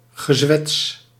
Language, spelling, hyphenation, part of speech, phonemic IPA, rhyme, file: Dutch, gezwets, ge‧zwets, noun, /ɣəˈzʋɛts/, -ɛts, Nl-gezwets.ogg
- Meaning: 1. small talk, banter 2. nonsense, tosh